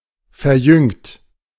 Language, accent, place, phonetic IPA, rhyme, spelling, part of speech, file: German, Germany, Berlin, [fɛɐ̯ˈjʏŋt], -ʏŋt, verjüngt, verb, De-verjüngt.ogg
- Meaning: 1. past participle of verjüngen 2. inflection of verjüngen: third-person singular present 3. inflection of verjüngen: second-person plural present 4. inflection of verjüngen: plural imperative